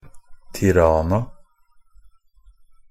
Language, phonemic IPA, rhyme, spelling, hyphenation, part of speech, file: Norwegian Bokmål, /tɪˈrɑːna/, -ɑːna, Tirana, Ti‧ra‧na, proper noun, NB - Pronunciation of Norwegian Bokmål «Tirana».ogg